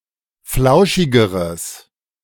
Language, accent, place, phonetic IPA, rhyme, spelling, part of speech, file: German, Germany, Berlin, [ˈflaʊ̯ʃɪɡəʁəs], -aʊ̯ʃɪɡəʁəs, flauschigeres, adjective, De-flauschigeres.ogg
- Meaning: strong/mixed nominative/accusative neuter singular comparative degree of flauschig